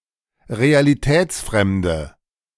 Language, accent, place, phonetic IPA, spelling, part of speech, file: German, Germany, Berlin, [ʁealiˈtɛːt͡sˌfʁɛmdə], realitätsfremde, adjective, De-realitätsfremde.ogg
- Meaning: inflection of realitätsfremd: 1. strong/mixed nominative/accusative feminine singular 2. strong nominative/accusative plural 3. weak nominative all-gender singular